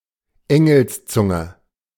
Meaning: great eloquence
- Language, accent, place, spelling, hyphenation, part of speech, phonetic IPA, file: German, Germany, Berlin, Engelszunge, En‧gels‧zun‧ge, noun, [ˈɛŋl̩sˌt͡sʊŋə], De-Engelszunge.ogg